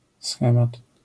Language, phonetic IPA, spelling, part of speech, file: Polish, [ˈsxɛ̃mat], schemat, noun, LL-Q809 (pol)-schemat.wav